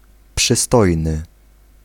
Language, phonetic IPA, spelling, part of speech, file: Polish, [pʃɨˈstɔjnɨ], przystojny, adjective, Pl-przystojny.ogg